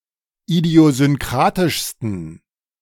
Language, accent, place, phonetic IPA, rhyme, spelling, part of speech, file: German, Germany, Berlin, [idi̯ozʏnˈkʁaːtɪʃstn̩], -aːtɪʃstn̩, idiosynkratischsten, adjective, De-idiosynkratischsten.ogg
- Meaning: 1. superlative degree of idiosynkratisch 2. inflection of idiosynkratisch: strong genitive masculine/neuter singular superlative degree